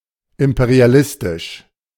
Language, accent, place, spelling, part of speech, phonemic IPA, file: German, Germany, Berlin, imperialistisch, adjective, /ˌɪmpeʁiaˈlɪstɪʃ/, De-imperialistisch.ogg
- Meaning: imperialistic